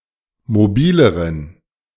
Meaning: inflection of mobil: 1. strong genitive masculine/neuter singular comparative degree 2. weak/mixed genitive/dative all-gender singular comparative degree
- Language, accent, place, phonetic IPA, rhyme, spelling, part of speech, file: German, Germany, Berlin, [moˈbiːləʁən], -iːləʁən, mobileren, adjective, De-mobileren.ogg